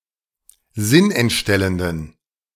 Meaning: inflection of sinnentstellend: 1. strong genitive masculine/neuter singular 2. weak/mixed genitive/dative all-gender singular 3. strong/weak/mixed accusative masculine singular 4. strong dative plural
- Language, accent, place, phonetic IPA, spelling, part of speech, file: German, Germany, Berlin, [ˈzɪnʔɛntˌʃtɛləndn̩], sinnentstellenden, adjective, De-sinnentstellenden.ogg